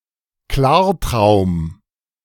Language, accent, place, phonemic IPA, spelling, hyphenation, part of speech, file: German, Germany, Berlin, /ˈklaːɐ̯ˌtʁaʊ̯m/, Klartraum, Klar‧traum, noun, De-Klartraum.ogg
- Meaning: lucid dream